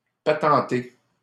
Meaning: 1. patent 2. invent, make up 3. repair
- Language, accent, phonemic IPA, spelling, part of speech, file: French, Canada, /pa.tɑ̃.te/, patenter, verb, LL-Q150 (fra)-patenter.wav